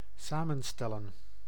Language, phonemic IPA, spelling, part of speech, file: Dutch, /ˈsamə(n)ˌstɛlə(n)/, samenstellen, verb / noun, Nl-samenstellen.ogg
- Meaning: 1. to compose, to make up, to form 2. to compile, to put together